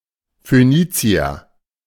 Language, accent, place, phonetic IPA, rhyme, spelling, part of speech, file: German, Germany, Berlin, [føˈniːt͡si̯ɐ], -iːt͡si̯ɐ, Phönizier, noun, De-Phönizier.ogg
- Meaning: Phoenician (person of male or female or unspecified sex from Phoenicia)